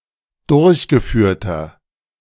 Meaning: inflection of durchgeführt: 1. strong/mixed nominative masculine singular 2. strong genitive/dative feminine singular 3. strong genitive plural
- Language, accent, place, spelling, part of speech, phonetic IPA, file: German, Germany, Berlin, durchgeführter, adjective, [ˈdʊʁçɡəˌfyːɐ̯tɐ], De-durchgeführter.ogg